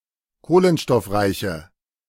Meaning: inflection of kohlenstoffreich: 1. strong/mixed nominative/accusative feminine singular 2. strong nominative/accusative plural 3. weak nominative all-gender singular
- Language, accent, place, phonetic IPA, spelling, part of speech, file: German, Germany, Berlin, [ˈkoːlənʃtɔfˌʁaɪ̯çə], kohlenstoffreiche, adjective, De-kohlenstoffreiche.ogg